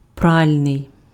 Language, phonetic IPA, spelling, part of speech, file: Ukrainian, [ˈpralʲnei̯], пральний, adjective, Uk-пральний.ogg
- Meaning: washing, laundry (attributive)